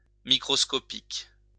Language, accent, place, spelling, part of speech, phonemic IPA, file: French, France, Lyon, microscopique, adjective / noun, /mi.kʁɔs.kɔ.pik/, LL-Q150 (fra)-microscopique.wav
- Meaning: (adjective) microscopic; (noun) Norse (2½-point type)